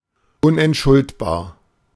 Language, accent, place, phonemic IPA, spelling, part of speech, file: German, Germany, Berlin, /ˈʊnʔɛntˌʃʊltbaːɐ̯/, unentschuldbar, adjective, De-unentschuldbar.ogg
- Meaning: inexcusable, indefensible, inexpiable